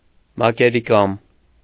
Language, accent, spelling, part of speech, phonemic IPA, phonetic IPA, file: Armenian, Eastern Armenian, մակերիկամ, noun, /mɑkeɾiˈkɑm/, [mɑkeɾikɑ́m], Hy-մակերիկամ.ogg
- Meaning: adrenal gland